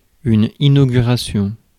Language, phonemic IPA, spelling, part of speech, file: French, /i.no.ɡy.ʁa.sjɔ̃/, inauguration, noun, Fr-inauguration.ogg
- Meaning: inauguration